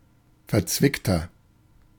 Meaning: 1. comparative degree of verzwickt 2. inflection of verzwickt: strong/mixed nominative masculine singular 3. inflection of verzwickt: strong genitive/dative feminine singular
- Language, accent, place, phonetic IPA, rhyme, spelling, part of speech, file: German, Germany, Berlin, [fɛɐ̯ˈt͡svɪktɐ], -ɪktɐ, verzwickter, adjective, De-verzwickter.ogg